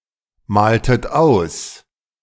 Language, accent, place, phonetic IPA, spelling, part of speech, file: German, Germany, Berlin, [ˌmaːltət ˈaʊ̯s], maltet aus, verb, De-maltet aus.ogg
- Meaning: inflection of ausmalen: 1. second-person plural preterite 2. second-person plural subjunctive II